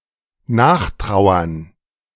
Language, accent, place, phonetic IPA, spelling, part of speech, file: German, Germany, Berlin, [ˈnaːxˌtʁaʊ̯ɐn], nachtrauern, verb, De-nachtrauern.ogg
- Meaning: to mourn, to regret, to wish back